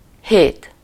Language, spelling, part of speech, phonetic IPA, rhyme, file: Hungarian, hét, numeral / noun, [ˈheːt], -eːt, Hu-hét.ogg
- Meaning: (numeral) seven; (noun) week